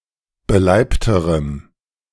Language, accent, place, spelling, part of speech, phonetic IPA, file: German, Germany, Berlin, beleibterem, adjective, [bəˈlaɪ̯ptəʁəm], De-beleibterem.ogg
- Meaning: strong dative masculine/neuter singular comparative degree of beleibt